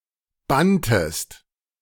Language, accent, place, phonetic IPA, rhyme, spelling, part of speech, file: German, Germany, Berlin, [ˈbantəst], -antəst, banntest, verb, De-banntest.ogg
- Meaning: inflection of bannen: 1. second-person singular preterite 2. second-person singular subjunctive II